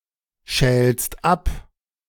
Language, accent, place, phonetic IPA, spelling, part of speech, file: German, Germany, Berlin, [ˌʃɛːlst ˈap], schälst ab, verb, De-schälst ab.ogg
- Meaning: second-person singular present of abschälen